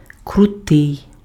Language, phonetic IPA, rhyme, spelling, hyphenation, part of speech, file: Ukrainian, [krʊˈtɪi̯], -ɪi̯, крутий, кру‧тий, adjective, Uk-крутий.ogg
- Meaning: 1. steep, precipitous 2. cool (very interesting or exciting) 3. abrupt, sharp (of a bend, curve) 4. sudden, abrupt 5. strict, unyielding (of a person's character) 6. crude, curt, rude (of words)